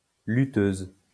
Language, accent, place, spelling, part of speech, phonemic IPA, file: French, France, Lyon, lutteuse, noun, /ly.tøz/, LL-Q150 (fra)-lutteuse.wav
- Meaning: female equivalent of lutteur